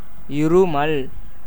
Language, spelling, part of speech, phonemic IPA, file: Tamil, இருமல், noun, /ɪɾʊmɐl/, Ta-இருமல்.ogg
- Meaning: 1. cough 2. bronchitis